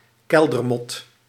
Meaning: pill bug, woodlouse: any member of the Isopoda, isopod
- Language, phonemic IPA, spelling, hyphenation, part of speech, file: Dutch, /ˈkɛl.dərˌmɔt/, keldermot, kel‧der‧mot, noun, Nl-keldermot.ogg